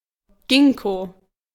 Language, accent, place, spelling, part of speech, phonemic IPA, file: German, Germany, Berlin, Ginkgo, noun, /ˈɡɪŋko/, De-Ginkgo.ogg
- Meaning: ginkgo (tree)